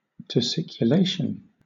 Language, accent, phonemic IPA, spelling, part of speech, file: English, Southern England, /təˌsɪkjʊˈleɪʃən/, tussiculation, noun, LL-Q1860 (eng)-tussiculation.wav
- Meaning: hacking cough